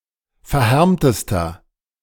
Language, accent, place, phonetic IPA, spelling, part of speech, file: German, Germany, Berlin, [fɛɐ̯ˈhɛʁmtəstɐ], verhärmtester, adjective, De-verhärmtester.ogg
- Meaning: inflection of verhärmt: 1. strong/mixed nominative masculine singular superlative degree 2. strong genitive/dative feminine singular superlative degree 3. strong genitive plural superlative degree